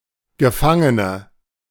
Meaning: 1. prisoner, captive, detainee (female) 2. inflection of Gefangener: strong nominative/accusative plural 3. inflection of Gefangener: weak nominative singular
- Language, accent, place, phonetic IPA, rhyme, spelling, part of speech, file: German, Germany, Berlin, [ɡəˈfaŋənə], -aŋənə, Gefangene, noun, De-Gefangene.ogg